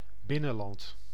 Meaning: 1. everything within the boundaries of a nation (as opposed to buitenland) 2. inland, hinterland, upcountry
- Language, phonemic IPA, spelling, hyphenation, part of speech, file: Dutch, /ˈbɪ.nə(n)ˌlɑnt/, binnenland, bin‧nen‧land, noun, Nl-binnenland.ogg